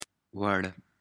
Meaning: suitable, appropriate
- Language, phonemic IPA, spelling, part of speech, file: Pashto, /wəɻ/, وړ, adjective, وړ.ogg